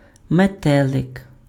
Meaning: 1. butterfly 2. leaflet (sheet of paper containing information) 3. synonym of крава́тка-мете́лик (kravátka-metélyk, “bowtie”)
- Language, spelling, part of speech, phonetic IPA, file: Ukrainian, метелик, noun, [meˈtɛɫek], Uk-метелик.ogg